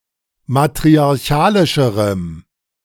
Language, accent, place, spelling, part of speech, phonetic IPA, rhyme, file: German, Germany, Berlin, matriarchalischerem, adjective, [matʁiaʁˈçaːlɪʃəʁəm], -aːlɪʃəʁəm, De-matriarchalischerem.ogg
- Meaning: strong dative masculine/neuter singular comparative degree of matriarchalisch